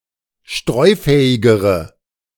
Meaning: inflection of streufähig: 1. strong/mixed nominative/accusative feminine singular comparative degree 2. strong nominative/accusative plural comparative degree
- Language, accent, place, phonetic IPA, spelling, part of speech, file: German, Germany, Berlin, [ˈʃtʁɔɪ̯ˌfɛːɪɡəʁə], streufähigere, adjective, De-streufähigere.ogg